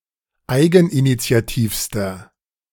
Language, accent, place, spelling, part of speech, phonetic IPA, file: German, Germany, Berlin, eigeninitiativster, adjective, [ˈaɪ̯ɡn̩ʔinit͡si̯aˌtiːfstɐ], De-eigeninitiativster.ogg
- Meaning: inflection of eigeninitiativ: 1. strong/mixed nominative masculine singular superlative degree 2. strong genitive/dative feminine singular superlative degree